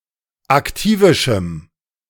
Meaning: strong dative masculine/neuter singular of aktivisch
- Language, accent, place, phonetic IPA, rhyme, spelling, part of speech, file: German, Germany, Berlin, [akˈtiːvɪʃm̩], -iːvɪʃm̩, aktivischem, adjective, De-aktivischem.ogg